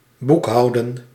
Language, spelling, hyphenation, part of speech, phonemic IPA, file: Dutch, boekhouden, boek‧hou‧den, verb, /ˈbukˌɦɑu̯.də(n)/, Nl-boekhouden.ogg
- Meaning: to keep financial accounts